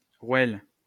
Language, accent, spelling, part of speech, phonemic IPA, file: French, France, rouelle, noun, /ʁwɛl/, LL-Q150 (fra)-rouelle.wav
- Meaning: 1. thin, round object or slice 2. steak (especially of veal, cut across the leg) 3. rouelle (a round badge that Jews were legally obligated to wear in public)